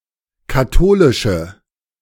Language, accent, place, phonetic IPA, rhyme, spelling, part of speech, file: German, Germany, Berlin, [kaˈtoːlɪʃə], -oːlɪʃə, katholische, adjective, De-katholische.ogg
- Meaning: inflection of katholisch: 1. strong/mixed nominative/accusative feminine singular 2. strong nominative/accusative plural 3. weak nominative all-gender singular